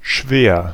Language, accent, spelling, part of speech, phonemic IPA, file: German, Germany, schwer, adjective, /ʃveːr/, De-schwer.ogg
- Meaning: 1. heavy, weighty 2. indigestible 3. grave, severe, intense, serious, heavy 4. heavy (doing the specified activity more intensely) 5. clumsy, sluggish 6. difficult, hard 7. very, much